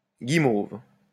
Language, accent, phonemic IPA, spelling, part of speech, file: French, France, /ɡi.mov/, guimauve, noun, LL-Q150 (fra)-guimauve.wav
- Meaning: 1. marshmallow (plant) 2. marshmallow (food) 3. that is bland, sweetish, expressionless, vapid